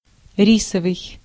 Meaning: rice
- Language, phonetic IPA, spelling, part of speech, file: Russian, [ˈrʲisəvɨj], рисовый, adjective, Ru-рисовый.ogg